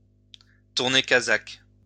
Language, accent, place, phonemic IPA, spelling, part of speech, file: French, France, Lyon, /tuʁ.ne ka.zak/, tourner casaque, verb, LL-Q150 (fra)-tourner casaque.wav
- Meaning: to turn one's coat, to be a turncoat, to change sides